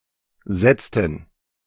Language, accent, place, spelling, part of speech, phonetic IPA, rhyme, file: German, Germany, Berlin, setzten, verb, [ˈzɛt͡stn̩], -ɛt͡stn̩, De-setzten.ogg
- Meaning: inflection of setzen: 1. first/third-person plural preterite 2. first/third-person plural subjunctive II